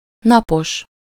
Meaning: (adjective) 1. sunny, sunlit 2. -day (of a certain number of days); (noun) person on duty (military person, student, etc.)
- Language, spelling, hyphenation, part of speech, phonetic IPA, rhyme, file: Hungarian, napos, na‧pos, adjective / noun, [ˈnɒpoʃ], -oʃ, Hu-napos.ogg